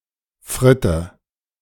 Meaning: 1. frit (an intermediate product from which glass is made) 2. frit (a kind of tube of porous glass in chemistry used for filtration) 3. an oblong stick of fried potato, a single fry, a single chip
- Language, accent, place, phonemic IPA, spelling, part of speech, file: German, Germany, Berlin, /ˈfʁɪtə/, Fritte, noun, De-Fritte.ogg